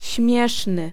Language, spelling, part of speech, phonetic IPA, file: Polish, śmieszny, adjective, [ˈɕmʲjɛʃnɨ], Pl-śmieszny.ogg